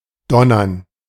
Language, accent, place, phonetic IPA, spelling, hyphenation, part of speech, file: German, Germany, Berlin, [ˈdɔnɐn], donnern, don‧nern, verb, De-donnern.ogg
- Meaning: 1. to thunder 2. to drum, to beat a drum